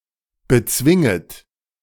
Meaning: second-person plural subjunctive I of bezwingen
- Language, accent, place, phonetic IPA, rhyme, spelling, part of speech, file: German, Germany, Berlin, [bəˈt͡svɪŋət], -ɪŋət, bezwinget, verb, De-bezwinget.ogg